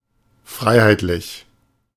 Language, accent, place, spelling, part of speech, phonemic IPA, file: German, Germany, Berlin, freiheitlich, adjective, /ˈfʁaɪ̯haɪ̯tlɪç/, De-freiheitlich.ogg
- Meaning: freedom; in a free way, liberal